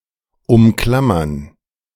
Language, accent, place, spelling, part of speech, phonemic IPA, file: German, Germany, Berlin, umklammern, verb, /ʊmˈklam.mern/, De-umklammern.ogg
- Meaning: to clutch, clasp, grip; to embrace